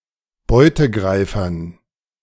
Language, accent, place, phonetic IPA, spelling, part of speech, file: German, Germany, Berlin, [ˈbɔɪ̯təˌɡʁaɪ̯fɐn], Beutegreifern, noun, De-Beutegreifern.ogg
- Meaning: dative plural of Beutegreifer